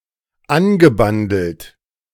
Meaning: past participle of anbandeln
- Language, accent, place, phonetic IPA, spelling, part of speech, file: German, Germany, Berlin, [ˈanɡəˌbandl̩t], angebandelt, verb, De-angebandelt.ogg